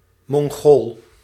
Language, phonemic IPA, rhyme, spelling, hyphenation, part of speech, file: Dutch, /mɔŋˈɣoːl/, -oːl, Mongool, Mon‧gool, noun, Nl-Mongool.ogg
- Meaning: a Mongol, someone from Mongolia